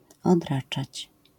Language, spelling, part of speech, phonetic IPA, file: Polish, odraczać, verb, [ɔdˈrat͡ʃat͡ɕ], LL-Q809 (pol)-odraczać.wav